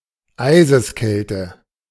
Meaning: 1. icy cold 2. icy manner
- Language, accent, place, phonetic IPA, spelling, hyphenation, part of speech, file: German, Germany, Berlin, [ˈaɪ̯zəsˌkɛltə], Eiseskälte, Ei‧ses‧käl‧te, noun, De-Eiseskälte.ogg